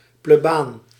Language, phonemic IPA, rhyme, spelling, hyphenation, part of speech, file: Dutch, /pleːˈbaːn/, -aːn, plebaan, ple‧baan, noun, Nl-plebaan.ogg
- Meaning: a priest (in the Roman Catholic Church or the Old Catholic Church) who serves the parish attached to a cathedral (in the bishop’s stead); dean